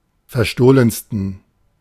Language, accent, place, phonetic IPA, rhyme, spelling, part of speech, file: German, Germany, Berlin, [fɛɐ̯ˈʃtoːlənstn̩], -oːlənstn̩, verstohlensten, adjective, De-verstohlensten.ogg
- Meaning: 1. superlative degree of verstohlen 2. inflection of verstohlen: strong genitive masculine/neuter singular superlative degree